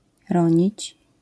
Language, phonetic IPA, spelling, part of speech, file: Polish, [ˈrɔ̃ɲit͡ɕ], ronić, verb, LL-Q809 (pol)-ronić.wav